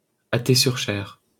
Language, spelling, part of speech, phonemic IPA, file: French, Cher, proper noun, /ʃɛʁ/, LL-Q150 (fra)-Cher.wav
- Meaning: Cher (a department of Centre-Val de Loire, France)